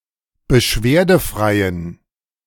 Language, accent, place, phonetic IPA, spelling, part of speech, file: German, Germany, Berlin, [bəˈʃveːɐ̯dəˌfʁaɪ̯ən], beschwerdefreien, adjective, De-beschwerdefreien.ogg
- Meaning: inflection of beschwerdefrei: 1. strong genitive masculine/neuter singular 2. weak/mixed genitive/dative all-gender singular 3. strong/weak/mixed accusative masculine singular 4. strong dative plural